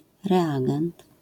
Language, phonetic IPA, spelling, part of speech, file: Polish, [rɛˈaɡɛ̃nt], reagent, noun, LL-Q809 (pol)-reagent.wav